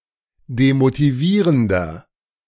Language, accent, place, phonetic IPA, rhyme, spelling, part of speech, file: German, Germany, Berlin, [demotiˈviːʁəndɐ], -iːʁəndɐ, demotivierender, adjective, De-demotivierender.ogg
- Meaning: inflection of demotivierend: 1. strong/mixed nominative masculine singular 2. strong genitive/dative feminine singular 3. strong genitive plural